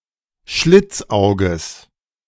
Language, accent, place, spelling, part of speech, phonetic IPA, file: German, Germany, Berlin, Schlitzauges, noun, [ˈʃlɪt͡sˌʔaʊ̯ɡəs], De-Schlitzauges.ogg
- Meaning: genitive singular of Schlitzauge